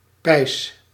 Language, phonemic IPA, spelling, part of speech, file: Dutch, /ˈpɛi̯s/, peis, noun, Nl-peis.ogg
- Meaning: peace